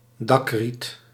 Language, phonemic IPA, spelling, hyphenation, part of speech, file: Dutch, /ˈdɑkrit/, dakriet, dak‧riet, noun, Nl-dakriet.ogg
- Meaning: reed used for thatching roofs